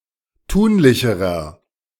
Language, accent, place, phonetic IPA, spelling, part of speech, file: German, Germany, Berlin, [ˈtuːnlɪçəʁɐ], tunlicherer, adjective, De-tunlicherer.ogg
- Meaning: inflection of tunlich: 1. strong/mixed nominative masculine singular comparative degree 2. strong genitive/dative feminine singular comparative degree 3. strong genitive plural comparative degree